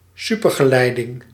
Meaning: superconductivity
- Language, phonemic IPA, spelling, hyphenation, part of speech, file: Dutch, /ˈsy.pər.ɣəˌlɛi̯.dɪŋ/, supergeleiding, su‧per‧ge‧lei‧ding, noun, Nl-supergeleiding.ogg